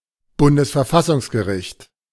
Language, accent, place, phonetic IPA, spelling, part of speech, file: German, Germany, Berlin, [ˈbʊndəsfɛɐ̯ˈfasʊŋsɡəˌʁɪçt], Bundesverfassungsgericht, proper noun, De-Bundesverfassungsgericht.ogg
- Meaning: federal constitutional court